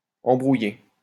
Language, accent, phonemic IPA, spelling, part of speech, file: French, France, /ɑ̃.bʁu.je/, embrouiller, verb, LL-Q150 (fra)-embrouiller.wav
- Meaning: 1. to entangle 2. to make mistakes, get confused (while performing a complex task) 3. to bamboozle, to confuse 4. to get in a fight